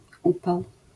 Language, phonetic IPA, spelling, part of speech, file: Polish, [ˈupaw], upał, noun, LL-Q809 (pol)-upał.wav